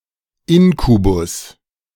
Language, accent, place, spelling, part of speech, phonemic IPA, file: German, Germany, Berlin, Inkubus, noun, /ˈɪŋkubʊs/, De-Inkubus.ogg
- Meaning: incubus (evil spirit)